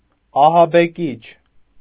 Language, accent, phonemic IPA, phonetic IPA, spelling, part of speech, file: Armenian, Eastern Armenian, /ɑhɑbeˈkit͡ʃʰ/, [ɑhɑbekít͡ʃʰ], ահաբեկիչ, noun, Hy-ահաբեկիչ.ogg
- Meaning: terrorist